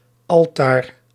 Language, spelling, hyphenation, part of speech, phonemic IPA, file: Dutch, Altaar, Al‧taar, proper noun, /ˈɑl.taːr/, Nl-Altaar.ogg
- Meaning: Ara